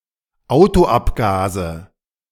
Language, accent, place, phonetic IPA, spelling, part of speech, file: German, Germany, Berlin, [ˈaʊ̯toˌʔapɡaːzə], Autoabgase, noun, De-Autoabgase.ogg
- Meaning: nominative/accusative/genitive plural of Autoabgas